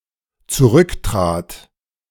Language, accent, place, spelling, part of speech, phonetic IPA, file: German, Germany, Berlin, zurücktrat, verb, [t͡suˈʁʏkˌtʁaːt], De-zurücktrat.ogg
- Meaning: first/third-person singular dependent preterite of zurücktreten